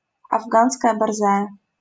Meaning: Afghan hound
- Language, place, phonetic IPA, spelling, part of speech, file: Russian, Saint Petersburg, [ɐvˈɡanskəjə bɐrˈzajə], афганская борзая, noun, LL-Q7737 (rus)-афганская борзая.wav